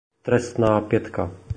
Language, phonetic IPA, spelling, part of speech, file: Czech, [trɛstnaː pjɛtka], trestná pětka, phrase, Cs-trestná pětka.oga
- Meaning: penalty try